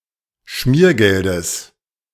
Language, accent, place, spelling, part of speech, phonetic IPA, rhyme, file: German, Germany, Berlin, Schmiergeldes, noun, [ˈʃmiːɐ̯ˌɡɛldəs], -iːɐ̯ɡɛldəs, De-Schmiergeldes.ogg
- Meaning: genitive singular of Schmiergeld